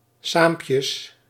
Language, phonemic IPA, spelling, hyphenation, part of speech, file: Dutch, /ˈsaːm.pjəs/, saampjes, saam‧pjes, adverb, Nl-saampjes.ogg
- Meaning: together